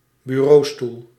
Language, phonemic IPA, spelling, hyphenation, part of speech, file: Dutch, /bʏˈroːstul/, bureaustoel, bu‧reau‧stoel, noun, Nl-bureaustoel.ogg
- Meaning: office chair (desk chair used in an office)